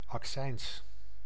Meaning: excise tax; a tax on certain goods including alcohol, tobacco, and flammable materials
- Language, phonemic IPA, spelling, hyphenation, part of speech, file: Dutch, /ɑkˈsɛɪns/, accijns, ac‧cijns, noun, Nl-accijns.ogg